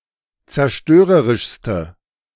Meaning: inflection of zerstörerisch: 1. strong/mixed nominative/accusative feminine singular superlative degree 2. strong nominative/accusative plural superlative degree
- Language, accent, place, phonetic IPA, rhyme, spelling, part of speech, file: German, Germany, Berlin, [t͡sɛɐ̯ˈʃtøːʁəʁɪʃstə], -øːʁəʁɪʃstə, zerstörerischste, adjective, De-zerstörerischste.ogg